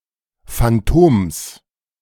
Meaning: genitive of Phantom
- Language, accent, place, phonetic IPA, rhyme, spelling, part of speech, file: German, Germany, Berlin, [fanˈtoːms], -oːms, Phantoms, noun, De-Phantoms.ogg